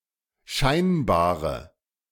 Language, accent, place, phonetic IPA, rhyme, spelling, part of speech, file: German, Germany, Berlin, [ˈʃaɪ̯nbaːʁə], -aɪ̯nbaːʁə, scheinbare, adjective, De-scheinbare.ogg
- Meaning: inflection of scheinbar: 1. strong/mixed nominative/accusative feminine singular 2. strong nominative/accusative plural 3. weak nominative all-gender singular